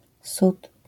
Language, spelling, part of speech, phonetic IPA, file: Polish, sód, noun, [sut], LL-Q809 (pol)-sód.wav